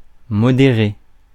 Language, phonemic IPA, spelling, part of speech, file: French, /mɔ.de.ʁe/, modérer, verb, Fr-modérer.ogg
- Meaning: 1. to moderate, temper, lessen, weaken etc 2. to practice moderation 3. to moderate, act as moderator, notably in a gremium